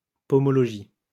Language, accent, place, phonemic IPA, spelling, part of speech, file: French, France, Lyon, /pɔ.mɔ.lɔ.ʒi/, pomologie, noun, LL-Q150 (fra)-pomologie.wav
- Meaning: pomology